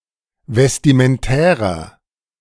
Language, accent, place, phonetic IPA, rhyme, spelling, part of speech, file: German, Germany, Berlin, [vɛstimənˈtɛːʁɐ], -ɛːʁɐ, vestimentärer, adjective, De-vestimentärer.ogg
- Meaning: inflection of vestimentär: 1. strong/mixed nominative masculine singular 2. strong genitive/dative feminine singular 3. strong genitive plural